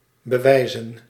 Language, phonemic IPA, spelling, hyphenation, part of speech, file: Dutch, /bəˈʋɛi̯zə(n)/, bewijzen, be‧wij‧zen, verb / noun, Nl-bewijzen.ogg
- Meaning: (verb) 1. to prove 2. to confer (a favor); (noun) plural of bewijs